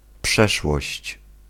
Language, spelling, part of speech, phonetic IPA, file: Polish, przeszłość, noun, [ˈpʃɛʃwɔɕt͡ɕ], Pl-przeszłość.ogg